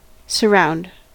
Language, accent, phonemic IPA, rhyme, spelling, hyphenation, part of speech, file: English, US, /səˈɹaʊnd/, -aʊnd, surround, sur‧round, verb / noun, En-us-surround.ogg
- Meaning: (verb) 1. To encircle something or simultaneously extend in all directions 2. To enclose or confine something on all sides so as to prevent escape 3. To pass around; to travel about; to circumnavigate